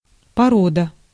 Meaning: 1. breed, kind, race, species, sort (all animals or plants of the same species or subspecies) 2. rock, layer 3. form (Arabic verb conjugation type or class)
- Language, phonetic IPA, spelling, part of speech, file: Russian, [pɐˈrodə], порода, noun, Ru-порода.ogg